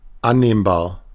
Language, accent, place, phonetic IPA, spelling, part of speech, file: German, Germany, Berlin, [ˈanneːmbaːɐ̯], annehmbar, adjective, De-annehmbar.ogg
- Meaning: acceptable